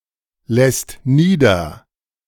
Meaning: second/third-person singular present of niederlassen
- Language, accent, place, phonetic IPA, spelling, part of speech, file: German, Germany, Berlin, [ˌlɛst ˈniːdɐ], lässt nieder, verb, De-lässt nieder.ogg